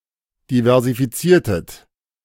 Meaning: inflection of diversifizieren: 1. second-person plural preterite 2. second-person plural subjunctive II
- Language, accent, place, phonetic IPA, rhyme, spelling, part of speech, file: German, Germany, Berlin, [divɛʁzifiˈt͡siːɐ̯tət], -iːɐ̯tət, diversifiziertet, verb, De-diversifiziertet.ogg